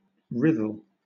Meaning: to wrinkle, to shrink
- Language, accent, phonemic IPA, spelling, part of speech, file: English, Southern England, /ˈɹɪðəl/, writhle, verb, LL-Q1860 (eng)-writhle.wav